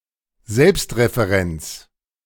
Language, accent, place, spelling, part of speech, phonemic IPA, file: German, Germany, Berlin, Selbstreferenz, noun, /ˈzɛlpstʁefeˌʁɛnt͡s/, De-Selbstreferenz.ogg
- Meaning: self-reference